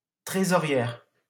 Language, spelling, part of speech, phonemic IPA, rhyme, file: French, trésorière, noun, /tʁe.zɔ.ʁjɛʁ/, -ɛʁ, LL-Q150 (fra)-trésorière.wav
- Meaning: female equivalent of trésorier